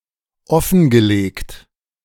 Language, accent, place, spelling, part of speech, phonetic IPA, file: German, Germany, Berlin, offengelegt, verb, [ˈɔfn̩ɡəˌleːkt], De-offengelegt.ogg
- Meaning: past participle of offenlegen